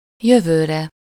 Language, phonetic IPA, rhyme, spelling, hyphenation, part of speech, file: Hungarian, [ˈjøvøːrɛ], -rɛ, jövőre, jö‧vő‧re, noun / adverb, Hu-jövőre.ogg
- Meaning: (noun) sublative singular of jövő; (adverb) next year